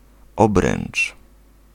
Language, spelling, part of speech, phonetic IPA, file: Polish, obręcz, noun, [ˈɔbrɛ̃n͇t͡ʃ], Pl-obręcz.ogg